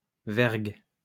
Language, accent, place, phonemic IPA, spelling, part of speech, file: French, France, Lyon, /vɛʁɡ/, vergue, noun, LL-Q150 (fra)-vergue.wav
- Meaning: yard (of sailing ship)